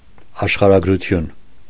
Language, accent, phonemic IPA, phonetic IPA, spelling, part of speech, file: Armenian, Eastern Armenian, /ɑʃχɑɾɑɡɾuˈtʰjun/, [ɑʃχɑɾɑɡɾut͡sʰjún], աշխարհագրություն, noun, Hy-աշխարհագրություն .ogg
- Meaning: geography